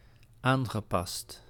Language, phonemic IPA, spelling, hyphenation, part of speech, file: Dutch, /ˈaːŋɣəˌpɑst/, aangepast, aan‧ge‧past, adjective / verb, Nl-aangepast.ogg
- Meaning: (adjective) 1. adapted 2. modified, edited; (verb) past participle of aanpassen